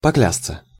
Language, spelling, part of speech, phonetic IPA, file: Russian, поклясться, verb, [pɐˈklʲast͡sə], Ru-поклясться.ogg
- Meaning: to vow, to swear (to make a vow)